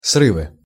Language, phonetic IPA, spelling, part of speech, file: Russian, [ˈsrɨvɨ], срывы, noun, Ru-срывы.ogg
- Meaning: nominative/accusative plural of срыв (sryv)